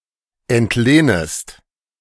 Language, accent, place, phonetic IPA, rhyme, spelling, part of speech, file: German, Germany, Berlin, [ɛntˈleːnəst], -eːnəst, entlehnest, verb, De-entlehnest.ogg
- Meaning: second-person singular subjunctive I of entlehnen